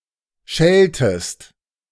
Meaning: second-person singular subjunctive I of schelten
- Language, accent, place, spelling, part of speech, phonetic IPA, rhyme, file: German, Germany, Berlin, scheltest, verb, [ˈʃɛltəst], -ɛltəst, De-scheltest.ogg